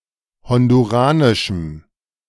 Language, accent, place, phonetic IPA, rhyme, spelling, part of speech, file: German, Germany, Berlin, [ˌhɔnduˈʁaːnɪʃm̩], -aːnɪʃm̩, honduranischem, adjective, De-honduranischem.ogg
- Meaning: strong dative masculine/neuter singular of honduranisch